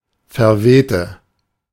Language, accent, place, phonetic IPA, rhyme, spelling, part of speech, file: German, Germany, Berlin, [fɛɐ̯ˈveːtə], -eːtə, verwehte, adjective / verb, De-verwehte.ogg
- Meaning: inflection of verwehen: 1. first/third-person singular preterite 2. first/third-person singular subjunctive II